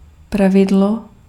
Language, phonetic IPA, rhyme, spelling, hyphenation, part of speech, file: Czech, [ˈpravɪdlo], -ɪdlo, pravidlo, pra‧vi‧d‧lo, noun, Cs-pravidlo.ogg
- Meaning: rule (regulation)